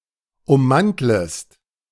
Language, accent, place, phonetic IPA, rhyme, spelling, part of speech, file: German, Germany, Berlin, [ʊmˈmantləst], -antləst, ummantlest, verb, De-ummantlest.ogg
- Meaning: second-person singular subjunctive I of ummanteln